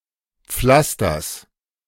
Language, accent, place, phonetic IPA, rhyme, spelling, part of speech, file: German, Germany, Berlin, [ˈp͡flastɐs], -astɐs, Pflasters, noun, De-Pflasters.ogg
- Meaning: genitive singular of Pflaster